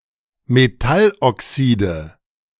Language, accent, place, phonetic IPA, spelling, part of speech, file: German, Germany, Berlin, [meˈtalʔɔˌksiːdə], Metalloxide, noun, De-Metalloxide.ogg
- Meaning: nominative/accusative/genitive plural of Metalloxid